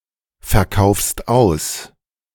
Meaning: second-person singular present of ausverkaufen
- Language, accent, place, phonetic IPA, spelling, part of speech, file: German, Germany, Berlin, [fɛɐ̯ˌkaʊ̯fst ˈaʊ̯s], verkaufst aus, verb, De-verkaufst aus.ogg